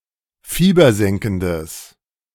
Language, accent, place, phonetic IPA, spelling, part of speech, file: German, Germany, Berlin, [ˈfiːbɐˌzɛŋkn̩dəs], fiebersenkendes, adjective, De-fiebersenkendes.ogg
- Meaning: strong/mixed nominative/accusative neuter singular of fiebersenkend